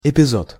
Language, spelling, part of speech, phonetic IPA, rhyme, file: Russian, эпизод, noun, [ɪpʲɪˈzot], -ot, Ru-эпизод.ogg
- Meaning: episode